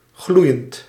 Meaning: present participle of gloeien
- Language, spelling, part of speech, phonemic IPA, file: Dutch, gloeiend, adjective / verb, /ˈɣlujənt/, Nl-gloeiend.ogg